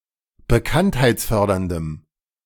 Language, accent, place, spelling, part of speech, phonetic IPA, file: German, Germany, Berlin, bekanntheitsförderndem, adjective, [bəˈkanthaɪ̯t͡sˌfœʁdɐndəm], De-bekanntheitsförderndem.ogg
- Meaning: strong dative masculine/neuter singular of bekanntheitsfördernd